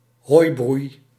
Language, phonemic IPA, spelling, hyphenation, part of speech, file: Dutch, /ˈɦoːi̯.brui̯/, hooibroei, hooi‧broei, noun, Nl-hooibroei.ogg
- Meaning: hay fire due to self-combustion